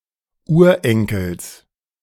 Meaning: genitive singular of Urenkel
- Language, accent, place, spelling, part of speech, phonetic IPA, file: German, Germany, Berlin, Urenkels, noun, [ˈuːɐ̯ˌʔɛŋkl̩s], De-Urenkels.ogg